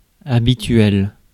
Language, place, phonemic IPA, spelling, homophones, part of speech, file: French, Paris, /a.bi.tɥɛl/, habituel, habituelle / habituelles / habituels, adjective, Fr-habituel.ogg
- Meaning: customary, habitual